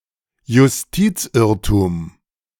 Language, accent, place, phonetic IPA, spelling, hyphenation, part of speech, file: German, Germany, Berlin, [jʊsˈtiːt͡sˌʔɪʁtuːm], Justizirrtum, Jus‧tiz‧irr‧tum, noun, De-Justizirrtum.ogg
- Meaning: miscarriage of justice